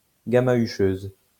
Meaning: female equivalent of gamahucheur
- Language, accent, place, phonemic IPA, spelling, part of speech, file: French, France, Lyon, /ɡa.ma.y.ʃøz/, gamahucheuse, noun, LL-Q150 (fra)-gamahucheuse.wav